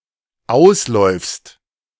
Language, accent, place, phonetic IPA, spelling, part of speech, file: German, Germany, Berlin, [ˈaʊ̯sˌlɔɪ̯fst], ausläufst, verb, De-ausläufst.ogg
- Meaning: second-person singular dependent present of auslaufen